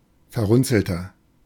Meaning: 1. comparative degree of verrunzelt 2. inflection of verrunzelt: strong/mixed nominative masculine singular 3. inflection of verrunzelt: strong genitive/dative feminine singular
- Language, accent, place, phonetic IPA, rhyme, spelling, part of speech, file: German, Germany, Berlin, [fɛɐ̯ˈʁʊnt͡sl̩tɐ], -ʊnt͡sl̩tɐ, verrunzelter, adjective, De-verrunzelter.ogg